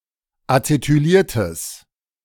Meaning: strong/mixed nominative/accusative neuter singular of acetyliert
- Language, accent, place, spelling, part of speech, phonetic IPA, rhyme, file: German, Germany, Berlin, acetyliertes, adjective, [at͡setyˈliːɐ̯təs], -iːɐ̯təs, De-acetyliertes.ogg